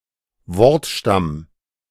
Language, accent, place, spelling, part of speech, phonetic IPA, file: German, Germany, Berlin, Wortstamm, noun, [ˈvɔʁtˌʃtam], De-Wortstamm.ogg
- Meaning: stem (main part of a word)